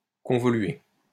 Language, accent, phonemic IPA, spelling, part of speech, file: French, France, /kɔ̃.vɔ.lɥe/, convoluer, verb, LL-Q150 (fra)-convoluer.wav
- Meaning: to convolve